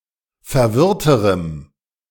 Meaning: strong dative masculine/neuter singular comparative degree of verwirrt
- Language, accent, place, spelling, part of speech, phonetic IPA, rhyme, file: German, Germany, Berlin, verwirrterem, adjective, [fɛɐ̯ˈvɪʁtəʁəm], -ɪʁtəʁəm, De-verwirrterem.ogg